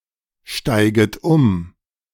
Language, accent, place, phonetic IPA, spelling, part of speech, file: German, Germany, Berlin, [ˌʃtaɪ̯ɡət ˈʊm], steiget um, verb, De-steiget um.ogg
- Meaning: second-person plural subjunctive I of umsteigen